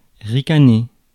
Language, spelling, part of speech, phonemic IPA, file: French, ricaner, verb, /ʁi.ka.ne/, Fr-ricaner.ogg
- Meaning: 1. to giggle 2. to sneer, smile grimly